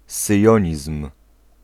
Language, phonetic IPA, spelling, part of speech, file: Polish, [sɨˈjɔ̇̃ɲism̥], syjonizm, noun, Pl-syjonizm.ogg